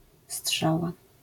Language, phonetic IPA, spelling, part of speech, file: Polish, [ˈsṭʃawa], strzała, noun, LL-Q809 (pol)-strzała.wav